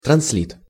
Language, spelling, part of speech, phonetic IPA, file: Russian, транслит, noun, [trɐns⁽ʲ⁾ˈlʲit], Ru-транслит.ogg
- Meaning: clipping of транслитера́ция (transliterácija); transliteration